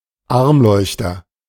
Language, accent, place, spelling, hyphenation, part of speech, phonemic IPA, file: German, Germany, Berlin, Armleuchter, Arm‧leuch‧ter, noun, /ˈaʁmˌlɔʏ̯çtəʁ/, De-Armleuchter.ogg
- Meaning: 1. candelabrum (candle holder with two or more arms) 2. a contemptible or stupid person, a dick, prick, jerk, fool